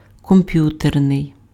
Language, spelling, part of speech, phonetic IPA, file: Ukrainian, комп'ютерний, adjective, [kɔmˈpjuternei̯], Uk-комп'ютерний.ogg
- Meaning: computer (attributive)